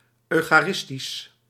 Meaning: eucharistic, eucharistical
- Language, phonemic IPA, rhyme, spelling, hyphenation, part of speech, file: Dutch, /ˌœy̯.xaːˈrɪs.tis/, -ɪstis, eucharistisch, eu‧cha‧ris‧tisch, adjective, Nl-eucharistisch.ogg